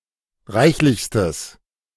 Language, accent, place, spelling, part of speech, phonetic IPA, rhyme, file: German, Germany, Berlin, reichlichstes, adjective, [ˈʁaɪ̯çlɪçstəs], -aɪ̯çlɪçstəs, De-reichlichstes.ogg
- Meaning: strong/mixed nominative/accusative neuter singular superlative degree of reichlich